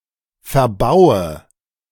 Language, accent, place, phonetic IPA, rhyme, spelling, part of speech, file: German, Germany, Berlin, [fɛɐ̯ˈbaʊ̯ə], -aʊ̯ə, verbaue, verb, De-verbaue.ogg
- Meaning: inflection of verbauen: 1. first-person singular present 2. first/third-person singular subjunctive I 3. singular imperative